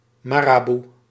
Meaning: 1. adjutant, marabou (stork of genus Leptoptilos) 2. marabout (Muslim holy man)
- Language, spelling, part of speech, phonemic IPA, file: Dutch, maraboe, noun, /ˈmaraˌbu/, Nl-maraboe.ogg